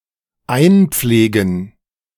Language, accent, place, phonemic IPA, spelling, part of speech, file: German, Germany, Berlin, /ˈaɪ̯nˌp͡fleːɡn̩/, einpflegen, verb, De-einpflegen.ogg
- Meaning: to enter data